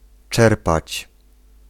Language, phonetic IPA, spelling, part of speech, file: Polish, [ˈt͡ʃɛrpat͡ɕ], czerpać, verb, Pl-czerpać.ogg